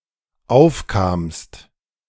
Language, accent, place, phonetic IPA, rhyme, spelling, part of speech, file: German, Germany, Berlin, [ˈaʊ̯fkaːmst], -aʊ̯fkaːmst, aufkamst, verb, De-aufkamst.ogg
- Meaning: second-person singular dependent preterite of aufkommen